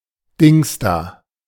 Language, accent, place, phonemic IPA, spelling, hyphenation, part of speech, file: German, Germany, Berlin, /ˈdɪŋs.da/, Dingsda, Dings‧da, noun, De-Dingsda.ogg
- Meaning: 1. thingy, thingamabob (something whose name one cannot recall) 2. whosit, whatshisname (a person whose name one cannot recall)